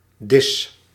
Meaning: 1. laid table 2. meal, dish
- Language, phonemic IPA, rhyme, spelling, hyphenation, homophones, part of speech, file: Dutch, /dɪs/, -ɪs, dis, dis, diss, noun, Nl-dis.ogg